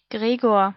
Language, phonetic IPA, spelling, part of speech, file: German, [ˈɡʁeːɡoːɐ̯], Gregor, proper noun, De-Gregor.ogg
- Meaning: a male given name, equivalent to English Gregory